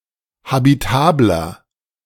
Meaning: 1. comparative degree of habitabel 2. inflection of habitabel: strong/mixed nominative masculine singular 3. inflection of habitabel: strong genitive/dative feminine singular
- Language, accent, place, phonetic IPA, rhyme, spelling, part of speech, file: German, Germany, Berlin, [habiˈtaːblɐ], -aːblɐ, habitabler, adjective, De-habitabler.ogg